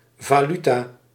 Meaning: currency (money or other item used to facilitate transactions)
- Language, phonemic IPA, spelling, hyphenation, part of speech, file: Dutch, /vaːˈly.taː/, valuta, va‧lu‧ta, noun, Nl-valuta.ogg